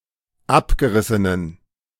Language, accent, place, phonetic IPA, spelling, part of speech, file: German, Germany, Berlin, [ˈapɡəˌʁɪsənən], abgerissenen, adjective, De-abgerissenen.ogg
- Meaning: inflection of abgerissen: 1. strong genitive masculine/neuter singular 2. weak/mixed genitive/dative all-gender singular 3. strong/weak/mixed accusative masculine singular 4. strong dative plural